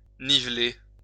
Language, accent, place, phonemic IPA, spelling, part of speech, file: French, France, Lyon, /ni.vle/, niveler, verb, LL-Q150 (fra)-niveler.wav
- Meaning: 1. to level, level out (ground) 2. to even, even out (put on the same level)